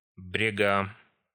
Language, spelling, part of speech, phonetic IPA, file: Russian, брега, noun, [ˈbrʲeɡə], Ru-брега.ogg
- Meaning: genitive singular of брег (breg)